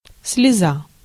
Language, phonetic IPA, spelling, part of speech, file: Russian, [s⁽ʲ⁾lʲɪˈza], слеза, noun, Ru-слеза.ogg
- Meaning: tear (a drop of liquid from the eyes)